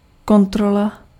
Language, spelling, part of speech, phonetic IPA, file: Czech, kontrola, noun, [ˈkontrola], Cs-kontrola.ogg
- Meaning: 1. inspection (the act of examining something, often closely) 2. feature (in orienteering)